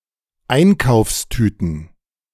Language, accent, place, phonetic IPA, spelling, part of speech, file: German, Germany, Berlin, [ˈaɪ̯nkaʊ̯fsˌtyːtn̩], Einkaufstüten, noun, De-Einkaufstüten.ogg
- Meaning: plural of Einkaufstüte